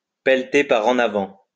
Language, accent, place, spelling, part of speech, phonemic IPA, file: French, France, Lyon, pelleter par en avant, verb, /pɛl.te pa.ʁ‿ɑ̃.n‿a.vɑ̃/, LL-Q150 (fra)-pelleter par en avant.wav
- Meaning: to kick the can down the road